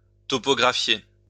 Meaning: to survey topographically
- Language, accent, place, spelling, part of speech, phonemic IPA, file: French, France, Lyon, topographier, verb, /tɔ.pɔ.ɡʁa.fje/, LL-Q150 (fra)-topographier.wav